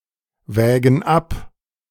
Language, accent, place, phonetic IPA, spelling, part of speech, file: German, Germany, Berlin, [ˌvɛːɡn̩ ˈap], wägen ab, verb, De-wägen ab.ogg
- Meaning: inflection of abwägen: 1. first/third-person plural present 2. first/third-person plural subjunctive I